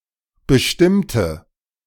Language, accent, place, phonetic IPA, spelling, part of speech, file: German, Germany, Berlin, [bəˈʃtɪmtə], bestimmte, verb / adjective, De-bestimmte.ogg
- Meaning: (verb) inflection of bestimmt: 1. strong/mixed nominative/accusative feminine singular 2. strong nominative/accusative plural 3. weak nominative all-gender singular